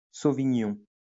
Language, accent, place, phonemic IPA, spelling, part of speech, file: French, France, Lyon, /so.vi.ɲɔ̃/, sauvignon, noun, LL-Q150 (fra)-sauvignon.wav
- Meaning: sauvignon (grape variety and wine)